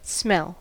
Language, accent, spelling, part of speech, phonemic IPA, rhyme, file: English, General American, smell, noun / verb, /smɛl/, -ɛl, En-us-smell.ogg
- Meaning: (noun) 1. A sensation, pleasant or unpleasant, detected by inhaling air (or, the case of water-breathing animals, water) carrying airborne molecules of a substance 2. The sense that detects odours